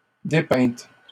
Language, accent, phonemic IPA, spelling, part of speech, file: French, Canada, /de.pɛ̃t/, dépeintes, adjective, LL-Q150 (fra)-dépeintes.wav
- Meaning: feminine plural of dépeint